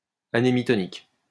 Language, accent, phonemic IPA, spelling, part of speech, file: French, France, /a.ne.mi.tɔ.nik/, anhémitonique, adjective, LL-Q150 (fra)-anhémitonique.wav
- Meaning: anhemitonic